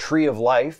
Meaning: A kind of tree, the arborvitae; an individual thereof
- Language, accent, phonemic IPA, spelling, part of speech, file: English, US, /tɹi ʌv laɪf/, tree of life, noun, En-us-tree of life.ogg